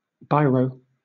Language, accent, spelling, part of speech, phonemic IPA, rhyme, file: English, Southern England, biro, noun, /ˈbaɪ.ɹəʊ/, -aɪɹəʊ, LL-Q1860 (eng)-biro.wav
- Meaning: 1. A Biro brand ballpoint pen 2. Any ballpoint pen 3. Ink from a ballpoint pen